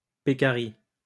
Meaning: peccary (a family of mammals related to pigs and hippos)
- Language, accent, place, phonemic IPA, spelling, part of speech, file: French, France, Lyon, /pe.ka.ʁi/, pécari, noun, LL-Q150 (fra)-pécari.wav